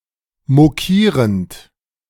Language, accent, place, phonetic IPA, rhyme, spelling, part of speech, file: German, Germany, Berlin, [moˈkiːʁənt], -iːʁənt, mokierend, verb, De-mokierend.ogg
- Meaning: present participle of mokieren